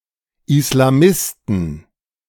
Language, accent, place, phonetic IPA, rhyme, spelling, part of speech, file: German, Germany, Berlin, [ɪslaˈmɪstn̩], -ɪstn̩, Islamisten, noun, De-Islamisten.ogg
- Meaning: inflection of Islamist: 1. genitive/dative/accusative singular 2. nominative/genitive/dative/accusative plural